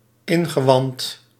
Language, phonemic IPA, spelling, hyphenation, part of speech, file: Dutch, /ˈɪn.ɣəˌʋɑnt/, ingewand, in‧ge‧wand, noun, Nl-ingewand.ogg
- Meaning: 1. entrails 2. belly, esp. as the seat of emotions